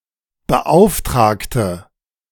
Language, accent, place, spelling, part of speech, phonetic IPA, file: German, Germany, Berlin, beauftragte, adjective / verb, [bəˈʔaʊ̯fˌtʁaːktə], De-beauftragte.ogg
- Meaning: inflection of beauftragen: 1. first/third-person singular preterite 2. first/third-person singular subjunctive II